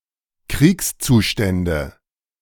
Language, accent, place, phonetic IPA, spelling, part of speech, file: German, Germany, Berlin, [ˈkʁiːkst͡suˌʃtɛndə], Kriegszustände, noun, De-Kriegszustände.ogg
- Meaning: nominative/accusative/genitive plural of Kriegszustand